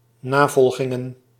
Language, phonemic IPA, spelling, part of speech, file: Dutch, /ˈnaːvɔlxɪŋə(n)/, navolgingen, noun, Nl-navolgingen.ogg
- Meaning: plural of navolging